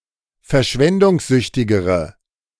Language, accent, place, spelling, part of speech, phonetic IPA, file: German, Germany, Berlin, verschwendungssüchtigere, adjective, [fɛɐ̯ˈʃvɛndʊŋsˌzʏçtɪɡəʁə], De-verschwendungssüchtigere.ogg
- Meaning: inflection of verschwendungssüchtig: 1. strong/mixed nominative/accusative feminine singular comparative degree 2. strong nominative/accusative plural comparative degree